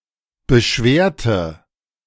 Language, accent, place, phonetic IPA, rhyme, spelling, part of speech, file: German, Germany, Berlin, [bəˈʃveːɐ̯tə], -eːɐ̯tə, beschwerte, adjective / verb, De-beschwerte.ogg
- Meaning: inflection of beschweren: 1. first/third-person singular preterite 2. first/third-person singular subjunctive II